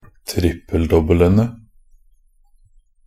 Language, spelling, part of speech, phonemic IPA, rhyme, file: Norwegian Bokmål, trippel-dobbelene, noun, /ˈtrɪpːəl.dɔbːələnə/, -ənə, Nb-trippel-dobbelene.ogg
- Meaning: definite plural of trippel-dobbel